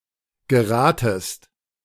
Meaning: second-person singular subjunctive I of geraten
- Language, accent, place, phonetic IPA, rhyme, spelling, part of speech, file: German, Germany, Berlin, [ɡəˈʁaːtəst], -aːtəst, geratest, verb, De-geratest.ogg